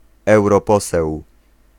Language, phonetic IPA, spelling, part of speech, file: Polish, [ˌɛwrɔˈpɔsɛw], europoseł, noun, Pl-europoseł.ogg